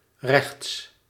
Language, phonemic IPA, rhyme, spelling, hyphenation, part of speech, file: Dutch, /rɛxts/, -ɛxts, rechts, rechts, adverb / adjective, Nl-rechts.ogg
- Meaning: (adverb) 1. on the right 2. to the right; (adjective) 1. right 2. rightist, belonging to the ideological right 3. right-handed